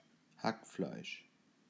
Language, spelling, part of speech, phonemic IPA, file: German, Hackfleisch, noun, /ˈhakˌflaɪ̯ʃ/, De-Hackfleisch.ogg
- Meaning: 1. minced meat 2. the victim of a beating or a harsh reprehension